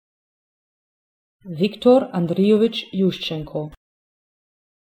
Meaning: a Ukrainian surname, Yushchenko
- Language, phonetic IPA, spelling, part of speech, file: Ukrainian, [ˈjuʃt͡ʃenkɔ], Ющенко, proper noun, Uk-Ющенко.oga